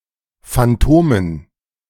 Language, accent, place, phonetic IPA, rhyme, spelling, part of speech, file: German, Germany, Berlin, [fanˈtoːmən], -oːmən, Phantomen, noun, De-Phantomen.ogg
- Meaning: dative plural of Phantom